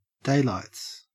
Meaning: 1. plural of daylight 2. A person's eyes (mostly as a target in fighting)
- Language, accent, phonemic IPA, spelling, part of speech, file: English, Australia, /ˈdeɪlaɪts/, daylights, noun, En-au-daylights.ogg